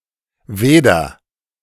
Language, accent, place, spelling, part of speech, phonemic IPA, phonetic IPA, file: German, Germany, Berlin, weder, conjunction, /ˈveːdər/, [ˈveː.dɐ], De-weder.ogg
- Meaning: neither (only with noch)